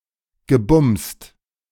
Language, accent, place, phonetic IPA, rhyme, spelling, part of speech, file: German, Germany, Berlin, [ɡəˈbʊmst], -ʊmst, gebumst, verb, De-gebumst.ogg
- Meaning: past participle of bumsen